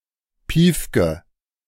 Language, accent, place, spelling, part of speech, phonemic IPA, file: German, Germany, Berlin, Piefke, noun, /ˈpiːfkə/, De-Piefke.ogg
- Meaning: 1. show-off, stuffed shirt 2. (Northern) German